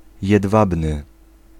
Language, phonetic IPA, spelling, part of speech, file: Polish, [jɛdˈvabnɨ], jedwabny, adjective, Pl-jedwabny.ogg